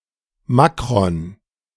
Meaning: macron
- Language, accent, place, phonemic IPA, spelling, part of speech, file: German, Germany, Berlin, /ˈmakʁɔn/, Makron, noun, De-Makron.ogg